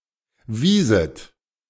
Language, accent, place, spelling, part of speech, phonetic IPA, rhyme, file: German, Germany, Berlin, wieset, verb, [ˈviːzət], -iːzət, De-wieset.ogg
- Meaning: second-person plural subjunctive II of weisen